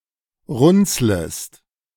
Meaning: second-person singular subjunctive I of runzeln
- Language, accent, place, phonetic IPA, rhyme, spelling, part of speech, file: German, Germany, Berlin, [ˈʁʊnt͡sləst], -ʊnt͡sləst, runzlest, verb, De-runzlest.ogg